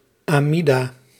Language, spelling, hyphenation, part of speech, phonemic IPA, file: Dutch, Amida, Ami‧da, proper noun, /aː.miˈdaː/, Nl-Amida.ogg
- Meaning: the Amidah, the Shmoneh Esreh (Jewish silent prayer said while standing)